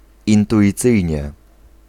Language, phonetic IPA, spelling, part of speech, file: Polish, [ˌĩntuʲiˈt͡sɨjɲɛ], intuicyjnie, adverb, Pl-intuicyjnie.ogg